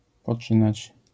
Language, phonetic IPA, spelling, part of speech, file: Polish, [pɔˈt͡ʃɨ̃nat͡ɕ], poczynać, verb, LL-Q809 (pol)-poczynać.wav